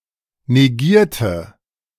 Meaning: inflection of negieren: 1. first/third-person singular preterite 2. first/third-person singular subjunctive II
- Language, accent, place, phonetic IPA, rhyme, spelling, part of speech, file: German, Germany, Berlin, [neˈɡiːɐ̯tə], -iːɐ̯tə, negierte, adjective / verb, De-negierte.ogg